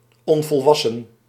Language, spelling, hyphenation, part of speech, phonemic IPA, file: Dutch, onvolwassen, on‧vol‧was‧sen, adjective, /ˌɔn.vɔlˈʋɑ.sə(n)/, Nl-onvolwassen.ogg
- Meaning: 1. immature (not having reached adulthood or maturity) 2. immature (behaving childishly)